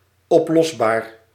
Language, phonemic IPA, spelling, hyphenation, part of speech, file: Dutch, /ˌɔpˈlɔs.baːr/, oplosbaar, op‧los‧baar, adjective, Nl-oplosbaar.ogg
- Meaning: 1. solvent, (substance) which can be dissolved 2. solvable, (question, problem) which can be resolved